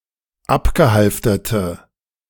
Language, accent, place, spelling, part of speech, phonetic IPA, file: German, Germany, Berlin, abgehalfterte, adjective, [ˈapɡəˌhalftɐtə], De-abgehalfterte.ogg
- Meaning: inflection of abgehalftert: 1. strong/mixed nominative/accusative feminine singular 2. strong nominative/accusative plural 3. weak nominative all-gender singular